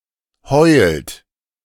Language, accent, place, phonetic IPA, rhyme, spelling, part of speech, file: German, Germany, Berlin, [hɔɪ̯lt], -ɔɪ̯lt, heult, verb, De-heult.ogg
- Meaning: inflection of heulen: 1. third-person singular present 2. second-person plural present 3. plural imperative